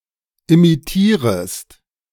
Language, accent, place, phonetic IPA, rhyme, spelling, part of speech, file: German, Germany, Berlin, [imiˈtiːʁəst], -iːʁəst, imitierest, verb, De-imitierest.ogg
- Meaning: second-person singular subjunctive I of imitieren